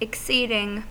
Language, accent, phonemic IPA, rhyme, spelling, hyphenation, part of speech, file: English, US, /ɪkˈsiːdɪŋ/, -iːdɪŋ, exceeding, ex‧ceed‧ing, verb / adjective / adverb / noun, En-us-exceeding.ogg
- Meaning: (verb) present participle and gerund of exceed; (adjective) 1. prodigious 2. exceptional, extraordinary 3. extreme; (adverb) Exceedingly; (noun) The situation of being in excess